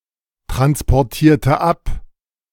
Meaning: inflection of abtransportieren: 1. first/third-person singular preterite 2. first/third-person singular subjunctive II
- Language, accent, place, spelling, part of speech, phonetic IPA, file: German, Germany, Berlin, transportierte ab, verb, [tʁanspɔʁˌtiːɐ̯tə ˈap], De-transportierte ab.ogg